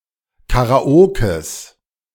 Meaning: genitive singular of Karaoke
- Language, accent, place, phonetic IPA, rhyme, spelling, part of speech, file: German, Germany, Berlin, [kaʁaˈoːkəs], -oːkəs, Karaokes, noun, De-Karaokes.ogg